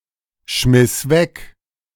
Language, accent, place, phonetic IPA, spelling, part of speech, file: German, Germany, Berlin, [ˌʃmɪs ˈvɛk], schmiss weg, verb, De-schmiss weg.ogg
- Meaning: first/third-person singular preterite of wegschmeißen